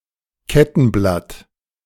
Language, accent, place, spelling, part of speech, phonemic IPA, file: German, Germany, Berlin, Kettenblatt, noun, /ˈkɛtn̩ˌblat/, De-Kettenblatt.ogg
- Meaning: chainring